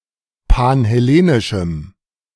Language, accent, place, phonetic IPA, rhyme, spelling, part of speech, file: German, Germany, Berlin, [panhɛˈleːnɪʃm̩], -eːnɪʃm̩, panhellenischem, adjective, De-panhellenischem.ogg
- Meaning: strong dative masculine/neuter singular of panhellenisch